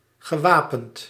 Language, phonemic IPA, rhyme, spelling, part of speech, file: Dutch, /ɣəˈʋaː.pənt/, -aːpənt, gewapend, adjective / verb, Nl-gewapend.ogg
- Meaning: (adjective) 1. armed 2. reinforced, strengthened; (verb) past participle of wapenen